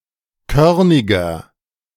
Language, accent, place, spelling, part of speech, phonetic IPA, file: German, Germany, Berlin, körniger, adjective, [ˈkœʁnɪɡɐ], De-körniger.ogg
- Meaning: 1. comparative degree of körnig 2. inflection of körnig: strong/mixed nominative masculine singular 3. inflection of körnig: strong genitive/dative feminine singular